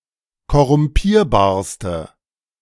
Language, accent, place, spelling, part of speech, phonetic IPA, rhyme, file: German, Germany, Berlin, korrumpierbarste, adjective, [kɔʁʊmˈpiːɐ̯baːɐ̯stə], -iːɐ̯baːɐ̯stə, De-korrumpierbarste.ogg
- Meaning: inflection of korrumpierbar: 1. strong/mixed nominative/accusative feminine singular superlative degree 2. strong nominative/accusative plural superlative degree